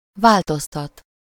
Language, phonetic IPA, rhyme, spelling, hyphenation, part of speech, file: Hungarian, [ˈvaːltostɒt], -ɒt, változtat, vál‧toz‧tat, verb, Hu-változtat.ogg
- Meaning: to change (to make something into something different)